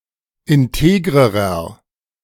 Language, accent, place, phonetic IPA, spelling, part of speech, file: German, Germany, Berlin, [ɪnˈteːɡʁəʁɐ], integrerer, adjective, De-integrerer.ogg
- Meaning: inflection of integer: 1. strong/mixed nominative masculine singular comparative degree 2. strong genitive/dative feminine singular comparative degree 3. strong genitive plural comparative degree